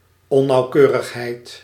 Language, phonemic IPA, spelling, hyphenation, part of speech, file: Dutch, /ˌɔ.nɑu̯ˈkøː.rəx.ɦɛi̯t/, onnauwkeurigheid, on‧nauw‧keu‧rig‧heid, noun, Nl-onnauwkeurigheid.ogg
- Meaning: inaccuracy